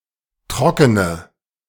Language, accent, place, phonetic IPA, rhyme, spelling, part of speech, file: German, Germany, Berlin, [ˈtʁɔkənə], -ɔkənə, trockene, adjective, De-trockene.ogg
- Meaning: inflection of trocken: 1. strong/mixed nominative/accusative feminine singular 2. strong nominative/accusative plural 3. weak nominative all-gender singular 4. weak accusative feminine/neuter singular